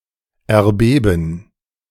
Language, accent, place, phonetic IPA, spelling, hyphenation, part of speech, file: German, Germany, Berlin, [ɛɐ̯ˈbeːbn̩], erbeben, er‧be‧ben, verb, De-erbeben.ogg
- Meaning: 1. to quake (of a building or the earth) 2. to tremble, shake (of a person)